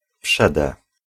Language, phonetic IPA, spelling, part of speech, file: Polish, [ˈpʃɛdɛ], przede, preposition, Pl-przede.ogg